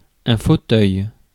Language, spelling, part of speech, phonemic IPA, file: French, fauteuil, noun, /fo.tœj/, Fr-fauteuil.ogg
- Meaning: 1. armchair 2. seat: office or position